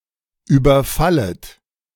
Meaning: second-person plural subjunctive I of überfallen
- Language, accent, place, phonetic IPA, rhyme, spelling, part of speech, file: German, Germany, Berlin, [ˌyːbɐˈfalət], -alət, überfallet, verb, De-überfallet.ogg